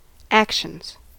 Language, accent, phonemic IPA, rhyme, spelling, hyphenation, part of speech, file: English, US, /ˈæk.ʃənz/, -ækʃənz, actions, ac‧tions, noun / verb, En-us-actions.ogg
- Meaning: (noun) plural of action; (verb) third-person singular simple present indicative of action